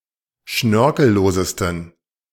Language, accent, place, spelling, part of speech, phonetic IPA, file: German, Germany, Berlin, schnörkellosesten, adjective, [ˈʃnœʁkl̩ˌloːzəstn̩], De-schnörkellosesten.ogg
- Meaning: 1. superlative degree of schnörkellos 2. inflection of schnörkellos: strong genitive masculine/neuter singular superlative degree